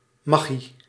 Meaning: 1. magic, sorcery (occult woo, black or white magic, etc.); hence supernatural occurrences or phenonomena 2. a magical, surprising, fascinating feat 3. the art of illusionism
- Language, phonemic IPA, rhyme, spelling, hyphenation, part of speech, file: Dutch, /maːˈɣi/, -i, magie, ma‧gie, noun, Nl-magie.ogg